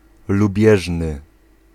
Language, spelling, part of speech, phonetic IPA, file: Polish, lubieżny, adjective, [luˈbʲjɛʒnɨ], Pl-lubieżny.ogg